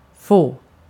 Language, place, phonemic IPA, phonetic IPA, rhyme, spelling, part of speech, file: Swedish, Gotland, /foː/, [f̪oə̯], -oː, få, adjective / verb, Sv-få.ogg
- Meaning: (adjective) few; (verb) 1. to get, to receive 2. to be allowed to, may; to have the opportunity to 3. to be forced to, to have to 4. to get, to cause to happen, to make someone to do something